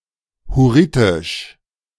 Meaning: Hurrian (the language of the Hurrians)
- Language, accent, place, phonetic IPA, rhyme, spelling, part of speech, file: German, Germany, Berlin, [hʊˈʁiːtɪʃ], -iːtɪʃ, Hurritisch, noun, De-Hurritisch.ogg